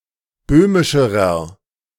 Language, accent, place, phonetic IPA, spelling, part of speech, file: German, Germany, Berlin, [ˈbøːmɪʃəʁɐ], böhmischerer, adjective, De-böhmischerer.ogg
- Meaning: inflection of böhmisch: 1. strong/mixed nominative masculine singular comparative degree 2. strong genitive/dative feminine singular comparative degree 3. strong genitive plural comparative degree